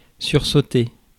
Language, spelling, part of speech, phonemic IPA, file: French, sursauter, verb, /syʁ.so.te/, Fr-sursauter.ogg
- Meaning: to make a sudden movement by being surprised; to start, jump